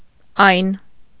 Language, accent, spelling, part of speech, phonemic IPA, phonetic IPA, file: Armenian, Eastern Armenian, այն, determiner, /ɑjn/, [ɑjn], Hy-այն.ogg
- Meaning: 1. that, those, yon (far from the listener) 2. those (farther from both speaker and listener)